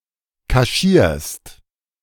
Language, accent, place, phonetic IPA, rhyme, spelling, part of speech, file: German, Germany, Berlin, [kaˈʃiːɐ̯st], -iːɐ̯st, kaschierst, verb, De-kaschierst.ogg
- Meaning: second-person singular present of kaschieren